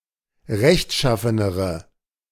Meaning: inflection of rechtschaffen: 1. strong/mixed nominative/accusative feminine singular comparative degree 2. strong nominative/accusative plural comparative degree
- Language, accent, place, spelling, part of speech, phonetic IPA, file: German, Germany, Berlin, rechtschaffenere, adjective, [ˈʁɛçtˌʃafənəʁə], De-rechtschaffenere.ogg